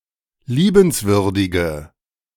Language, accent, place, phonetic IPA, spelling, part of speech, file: German, Germany, Berlin, [ˈliːbənsvʏʁdɪɡə], liebenswürdige, adjective, De-liebenswürdige.ogg
- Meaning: inflection of liebenswürdig: 1. strong/mixed nominative/accusative feminine singular 2. strong nominative/accusative plural 3. weak nominative all-gender singular